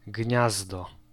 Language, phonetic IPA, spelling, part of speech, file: Polish, [ˈɟɲazdɔ], gniazdo, noun, Pl-gniazdo.ogg